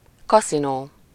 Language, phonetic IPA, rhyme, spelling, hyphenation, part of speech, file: Hungarian, [ˈkɒsinoː], -noː, kaszinó, ka‧szi‧nó, noun, Hu-kaszinó.ogg
- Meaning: casino